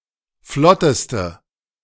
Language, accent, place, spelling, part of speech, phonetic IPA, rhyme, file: German, Germany, Berlin, flotteste, adjective, [ˈflɔtəstə], -ɔtəstə, De-flotteste.ogg
- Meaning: inflection of flott: 1. strong/mixed nominative/accusative feminine singular superlative degree 2. strong nominative/accusative plural superlative degree